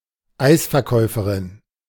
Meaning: female equivalent of Eisverkäufer (“ice cream vendor”)
- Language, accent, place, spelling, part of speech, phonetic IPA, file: German, Germany, Berlin, Eisverkäuferin, noun, [ˈaɪ̯sfɛɐ̯ˌkɔɪ̯fəʁɪn], De-Eisverkäuferin.ogg